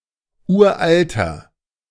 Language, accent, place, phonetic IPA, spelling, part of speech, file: German, Germany, Berlin, [ˈuːɐ̯ʔaltɐ], uralter, adjective, De-uralter.ogg
- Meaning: inflection of uralt: 1. strong/mixed nominative masculine singular 2. strong genitive/dative feminine singular 3. strong genitive plural